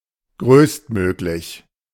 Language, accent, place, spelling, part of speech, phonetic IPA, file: German, Germany, Berlin, größtmöglich, adjective, [ˈɡʁøːstˌmøːklɪç], De-größtmöglich.ogg
- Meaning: maximal, maximum, greatest possible